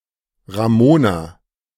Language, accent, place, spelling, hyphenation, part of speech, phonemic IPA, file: German, Germany, Berlin, Ramona, Ra‧mo‧na, proper noun, /ʁaˈmoːna/, De-Ramona.ogg
- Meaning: a female given name